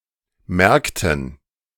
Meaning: inflection of merken: 1. first/third-person plural preterite 2. first/third-person plural subjunctive II
- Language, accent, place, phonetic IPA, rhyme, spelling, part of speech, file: German, Germany, Berlin, [ˈmɛʁktn̩], -ɛʁktn̩, merkten, verb, De-merkten.ogg